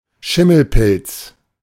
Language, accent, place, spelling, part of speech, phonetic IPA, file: German, Germany, Berlin, Schimmelpilz, noun, [ˈʃɪml̩ˌpɪlt͡s], De-Schimmelpilz.ogg
- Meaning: mold, mildew (fungal)